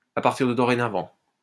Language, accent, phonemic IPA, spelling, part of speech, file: French, France, /a paʁ.tiʁ də dɔ.ʁe.na.vɑ̃/, à partir de dorénavant, adverb, LL-Q150 (fra)-à partir de dorénavant.wav
- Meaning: from now on, from this day forward